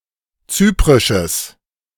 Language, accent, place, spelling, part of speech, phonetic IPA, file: German, Germany, Berlin, zyprisches, adjective, [ˈt͡syːpʁɪʃəs], De-zyprisches.ogg
- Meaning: strong/mixed nominative/accusative neuter singular of zyprisch